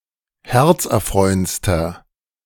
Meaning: inflection of herzerfreuend: 1. strong/mixed nominative masculine singular superlative degree 2. strong genitive/dative feminine singular superlative degree
- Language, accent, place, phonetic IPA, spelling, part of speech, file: German, Germany, Berlin, [ˈhɛʁt͡sʔɛɐ̯ˌfʁɔɪ̯ənt͡stɐ], herzerfreuendster, adjective, De-herzerfreuendster.ogg